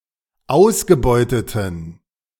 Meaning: inflection of ausgebeutet: 1. strong genitive masculine/neuter singular 2. weak/mixed genitive/dative all-gender singular 3. strong/weak/mixed accusative masculine singular 4. strong dative plural
- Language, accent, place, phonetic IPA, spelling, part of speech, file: German, Germany, Berlin, [ˈaʊ̯sɡəˌbɔɪ̯tətn̩], ausgebeuteten, adjective, De-ausgebeuteten.ogg